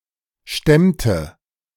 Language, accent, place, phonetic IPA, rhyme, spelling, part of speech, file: German, Germany, Berlin, [ˈʃtɛmtə], -ɛmtə, stemmte, verb, De-stemmte.ogg
- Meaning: inflection of stemmen: 1. first/third-person singular preterite 2. first/third-person singular subjunctive II